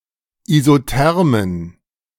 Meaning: plural of Isotherme
- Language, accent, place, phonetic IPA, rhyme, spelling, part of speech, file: German, Germany, Berlin, [izoˈtɛʁmən], -ɛʁmən, Isothermen, noun, De-Isothermen.ogg